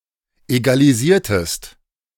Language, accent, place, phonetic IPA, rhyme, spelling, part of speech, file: German, Germany, Berlin, [ˌeɡaliˈziːɐ̯təst], -iːɐ̯təst, egalisiertest, verb, De-egalisiertest.ogg
- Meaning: inflection of egalisieren: 1. second-person singular preterite 2. second-person singular subjunctive II